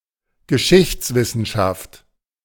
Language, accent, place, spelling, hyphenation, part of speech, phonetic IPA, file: German, Germany, Berlin, Geschichtswissenschaft, Ge‧schichts‧wis‧sen‧schaft, noun, [ɡəˈʃɪçt͡svɪsn̩ˌʃaft], De-Geschichtswissenschaft.ogg
- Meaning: history (branch of knowledge that studies the past)